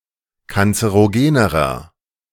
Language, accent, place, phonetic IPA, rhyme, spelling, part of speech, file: German, Germany, Berlin, [kant͡səʁoˈɡeːnəʁɐ], -eːnəʁɐ, kanzerogenerer, adjective, De-kanzerogenerer.ogg
- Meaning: inflection of kanzerogen: 1. strong/mixed nominative masculine singular comparative degree 2. strong genitive/dative feminine singular comparative degree 3. strong genitive plural comparative degree